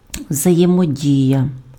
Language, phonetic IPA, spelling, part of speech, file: Ukrainian, [wzɐjemoˈdʲijɐ], взаємодія, noun, Uk-взаємодія.ogg
- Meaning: interaction, interplay